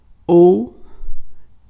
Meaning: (conjunction) 1. or (connects at least two alternative words, phrases, clauses, sentences, etc. each of which could make a passage true) 2. or (connects two equivalent names) 3. either … or
- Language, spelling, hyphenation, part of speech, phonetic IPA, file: Portuguese, ou, ou, conjunction / noun, [o(ʊ̯)], Pt-ou.ogg